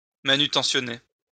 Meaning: to handle
- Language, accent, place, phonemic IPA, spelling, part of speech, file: French, France, Lyon, /ma.ny.tɑ̃.sjɔ.ne/, manutentionner, verb, LL-Q150 (fra)-manutentionner.wav